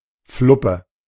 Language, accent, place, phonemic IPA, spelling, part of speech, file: German, Germany, Berlin, /ˈflʊpə/, Fluppe, noun, De-Fluppe.ogg
- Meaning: cigarette